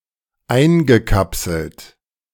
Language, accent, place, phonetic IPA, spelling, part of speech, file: German, Germany, Berlin, [ˈaɪ̯nɡəˌkapsl̩t], eingekapselt, verb, De-eingekapselt.ogg
- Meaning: past participle of einkapseln